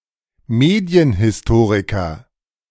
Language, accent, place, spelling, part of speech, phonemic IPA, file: German, Germany, Berlin, Medienhistoriker, noun, /ˈmeːdi̯ənhɪsˌtoːʁikɐ/, De-Medienhistoriker.ogg
- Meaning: media historian (a specialist in the history of mass media)